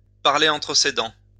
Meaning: to talk under one's breath, to mutter, to mumble
- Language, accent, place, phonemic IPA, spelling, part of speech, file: French, France, Lyon, /paʁ.le ɑ̃.tʁə se dɑ̃/, parler entre ses dents, verb, LL-Q150 (fra)-parler entre ses dents.wav